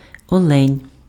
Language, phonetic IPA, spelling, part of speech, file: Ukrainian, [ˈɔɫenʲ], олень, noun, Uk-олень.ogg
- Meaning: deer